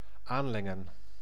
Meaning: to dilute, water down
- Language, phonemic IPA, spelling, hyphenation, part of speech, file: Dutch, /ˈaːn.lɛ.ŋə(n)/, aanlengen, aan‧len‧gen, verb, Nl-aanlengen.ogg